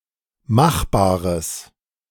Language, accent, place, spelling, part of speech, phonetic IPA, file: German, Germany, Berlin, machbares, adjective, [ˈmaxˌbaːʁəs], De-machbares.ogg
- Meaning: strong/mixed nominative/accusative neuter singular of machbar